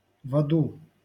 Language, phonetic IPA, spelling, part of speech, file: Russian, [ˈvodʊ], воду, noun, LL-Q7737 (rus)-воду.wav